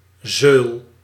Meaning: inflection of zeulen: 1. first-person singular present indicative 2. second-person singular present indicative 3. imperative
- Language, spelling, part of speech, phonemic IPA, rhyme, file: Dutch, zeul, verb, /zøːl/, -øːl, Nl-zeul.ogg